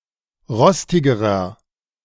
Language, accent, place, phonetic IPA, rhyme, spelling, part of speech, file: German, Germany, Berlin, [ˈʁɔstɪɡəʁɐ], -ɔstɪɡəʁɐ, rostigerer, adjective, De-rostigerer.ogg
- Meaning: inflection of rostig: 1. strong/mixed nominative masculine singular comparative degree 2. strong genitive/dative feminine singular comparative degree 3. strong genitive plural comparative degree